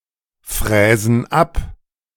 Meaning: inflection of abfräsen: 1. first/third-person plural present 2. first/third-person plural subjunctive I
- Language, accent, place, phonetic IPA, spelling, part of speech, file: German, Germany, Berlin, [ˌfʁɛːzn̩ ˈap], fräsen ab, verb, De-fräsen ab.ogg